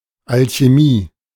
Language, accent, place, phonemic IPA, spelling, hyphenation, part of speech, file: German, Germany, Berlin, /alçeˈmiː/, Alchemie, Al‧che‧mie, noun, De-Alchemie.ogg
- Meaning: alchemy